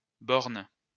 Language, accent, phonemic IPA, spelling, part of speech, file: French, France, /bɔʁn/, bornes, noun, LL-Q150 (fra)-bornes.wav
- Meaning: plural of borne